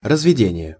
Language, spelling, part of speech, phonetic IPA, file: Russian, разведение, noun, [rəzvʲɪˈdʲenʲɪje], Ru-разведение.ogg
- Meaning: 1. breeding, rearing, cultivation 2. swinging open, opening